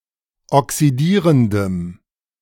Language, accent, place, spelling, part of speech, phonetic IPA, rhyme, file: German, Germany, Berlin, oxidierendem, adjective, [ɔksiˈdiːʁəndəm], -iːʁəndəm, De-oxidierendem.ogg
- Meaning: strong dative masculine/neuter singular of oxidierend